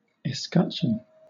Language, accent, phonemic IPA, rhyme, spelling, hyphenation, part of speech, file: English, Southern England, /ɪˈskʌt͡ʃən/, -ʌtʃən, escutcheon, es‧cut‧cheon, noun, LL-Q1860 (eng)-escutcheon.wav
- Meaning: 1. The shield on which a coat of arms is displayed, or, by extension, the coat of arms itself 2. A small shield used to charge a larger one 3. The pattern of distribution of hair upon the pubic mound